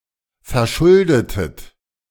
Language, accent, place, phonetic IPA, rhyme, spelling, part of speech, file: German, Germany, Berlin, [fɛɐ̯ˈʃʊldətət], -ʊldətət, verschuldetet, verb, De-verschuldetet.ogg
- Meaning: inflection of verschulden: 1. second-person plural preterite 2. second-person plural subjunctive II